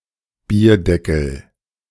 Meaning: beer mat, coaster (US)
- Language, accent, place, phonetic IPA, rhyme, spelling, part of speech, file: German, Germany, Berlin, [ˈbiːɐ̯ˌdɛkl̩], -iːɐ̯dɛkl̩, Bierdeckel, noun, De-Bierdeckel.ogg